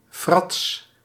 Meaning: prank, trick, a strange, silly or deceptive action
- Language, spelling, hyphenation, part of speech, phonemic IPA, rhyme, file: Dutch, frats, frats, noun, /frɑts/, -ɑts, Nl-frats.ogg